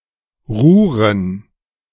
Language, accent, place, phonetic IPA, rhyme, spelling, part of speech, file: German, Germany, Berlin, [ˈʁuːʁən], -uːʁən, Ruhren, noun, De-Ruhren.ogg
- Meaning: plural of Ruhr